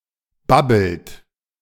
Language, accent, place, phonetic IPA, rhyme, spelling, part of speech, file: German, Germany, Berlin, [ˈbabl̩t], -abl̩t, babbelt, verb, De-babbelt.ogg
- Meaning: inflection of babbeln: 1. third-person singular present 2. second-person plural present 3. plural imperative